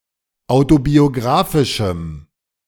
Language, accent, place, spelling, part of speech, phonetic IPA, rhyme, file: German, Germany, Berlin, autobiographischem, adjective, [ˌaʊ̯tobioˈɡʁaːfɪʃm̩], -aːfɪʃm̩, De-autobiographischem.ogg
- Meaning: strong dative masculine/neuter singular of autobiographisch